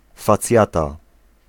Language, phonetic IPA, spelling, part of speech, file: Polish, [faˈt͡sʲjata], facjata, noun, Pl-facjata.ogg